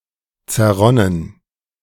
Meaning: past participle of zerrinnen
- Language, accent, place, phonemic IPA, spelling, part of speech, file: German, Germany, Berlin, /t͡sɛɐ̯ˈʁɔnən/, zerronnen, verb, De-zerronnen.ogg